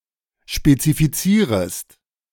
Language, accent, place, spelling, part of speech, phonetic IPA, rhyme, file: German, Germany, Berlin, spezifizierest, verb, [ʃpet͡sifiˈt͡siːʁəst], -iːʁəst, De-spezifizierest.ogg
- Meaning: second-person singular subjunctive I of spezifizieren